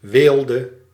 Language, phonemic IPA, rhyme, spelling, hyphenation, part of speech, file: Dutch, /ˈʋeːl.də/, -eːldə, weelde, weel‧de, noun, Nl-weelde.ogg
- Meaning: affluence, wealth, luxury